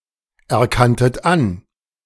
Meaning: second-person plural preterite of anerkennen
- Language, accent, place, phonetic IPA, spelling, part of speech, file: German, Germany, Berlin, [ɛɐ̯ˌkantət ˈan], erkanntet an, verb, De-erkanntet an.ogg